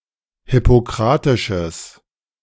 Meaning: strong/mixed nominative/accusative neuter singular of hippokratisch
- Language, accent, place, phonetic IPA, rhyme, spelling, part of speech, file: German, Germany, Berlin, [hɪpoˈkʁaːtɪʃəs], -aːtɪʃəs, hippokratisches, adjective, De-hippokratisches.ogg